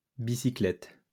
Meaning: plural of bicyclette
- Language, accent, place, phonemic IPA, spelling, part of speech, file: French, France, Lyon, /bi.si.klɛt/, bicyclettes, noun, LL-Q150 (fra)-bicyclettes.wav